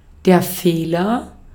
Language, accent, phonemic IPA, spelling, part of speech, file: German, Austria, /ˈfeːlɐ/, Fehler, noun, De-at-Fehler.ogg
- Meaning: fault, error, mistake